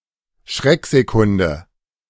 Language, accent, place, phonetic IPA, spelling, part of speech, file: German, Germany, Berlin, [ˈʃʁɛkzeˌkʊndə], Schrecksekunde, noun, De-Schrecksekunde.ogg
- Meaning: moment of shock